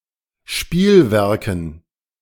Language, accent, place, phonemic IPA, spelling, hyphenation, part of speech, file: German, Germany, Berlin, /ˈʃpiːlˌvɛʁkn̩/, Spielwerken, Spiel‧wer‧ken, noun, De-Spielwerken.ogg
- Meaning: dative plural of Spielwerk